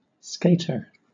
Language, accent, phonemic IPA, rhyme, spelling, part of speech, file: English, Southern England, /ˈskeɪ.tə(ɹ)/, -eɪtə(ɹ), skater, noun, LL-Q1860 (eng)-skater.wav
- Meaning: 1. A person who skates 2. A skateboarder 3. A member of skateboarding subculture, characterized by dingy and baggy clothes, and often wallet chains 4. A player who is not a goaltender